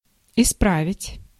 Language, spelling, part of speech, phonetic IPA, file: Russian, исправить, verb, [ɪˈspravʲɪtʲ], Ru-исправить.ogg
- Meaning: to correct, to improve, to repair